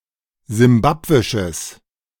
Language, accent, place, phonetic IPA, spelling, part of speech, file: German, Germany, Berlin, [zɪmˈbapvɪʃəs], simbabwisches, adjective, De-simbabwisches.ogg
- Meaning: strong/mixed nominative/accusative neuter singular of simbabwisch